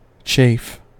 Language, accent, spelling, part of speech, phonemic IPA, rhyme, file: English, US, chafe, noun / verb, /t͡ʃeɪf/, -eɪf, En-us-chafe.ogg
- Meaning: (noun) 1. Heat excited by friction 2. Injury or wear caused by friction 3. Vexation; irritation of mind; rage; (verb) To excite heat in by friction; to rub in order to stimulate and make warm